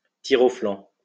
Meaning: a shirker, a skiver, a slacker
- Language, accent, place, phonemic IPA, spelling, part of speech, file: French, France, Lyon, /ti.ʁo.flɑ̃/, tire-au-flanc, noun, LL-Q150 (fra)-tire-au-flanc.wav